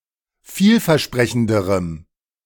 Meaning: strong dative masculine/neuter singular comparative degree of vielversprechend
- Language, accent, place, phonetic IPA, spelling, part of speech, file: German, Germany, Berlin, [ˈfiːlfɛɐ̯ˌʃpʁɛçn̩dəʁəm], vielversprechenderem, adjective, De-vielversprechenderem.ogg